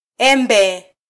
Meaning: mango (tropical fruit)
- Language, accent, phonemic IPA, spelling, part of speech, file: Swahili, Kenya, /ˈɛ.ᵐbɛ/, embe, noun, Sw-ke-embe.flac